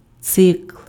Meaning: 1. cycle (process) 2. cycle (series of related works of art, e.g. songs, poems, stories)
- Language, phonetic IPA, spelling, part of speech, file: Ukrainian, [t͡sɪkɫ], цикл, noun, Uk-цикл.ogg